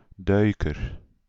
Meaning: 1. an underwater diver 2. a gymnastic diver 3. a fairly narrow water passage under roads and dikes; a culvert 4. a loon (N-Am) or diver (UK), waterbird of the order Gaviiformes
- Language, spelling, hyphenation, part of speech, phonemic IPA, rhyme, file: Dutch, duiker, dui‧ker, noun, /ˈdœy̯.kər/, -œy̯kər, Nl-duiker.ogg